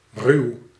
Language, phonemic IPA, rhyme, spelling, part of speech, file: Dutch, /ryu̯/, -yu̯, ruw, adjective / verb, Nl-ruw.ogg
- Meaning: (adjective) 1. rough, crude, harsh (not gentle) 2. raw, crude (unprocessed); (verb) inflection of ruwen: 1. first-person singular present indicative 2. second-person singular present indicative